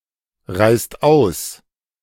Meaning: inflection of ausreißen: 1. second/third-person singular present 2. second-person plural present 3. plural imperative
- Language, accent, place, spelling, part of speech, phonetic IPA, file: German, Germany, Berlin, reißt aus, verb, [ˌʁaɪ̯st ˈaʊ̯s], De-reißt aus.ogg